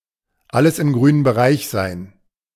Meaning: to have everything be working; to have everything be okay
- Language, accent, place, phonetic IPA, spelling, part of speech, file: German, Germany, Berlin, [ˈaləs ɪm ˈɡʁyːnən bəˈʁaɪ̯ç zaɪ̯n], alles im grünen Bereich sein, phrase, De-alles im grünen Bereich sein.ogg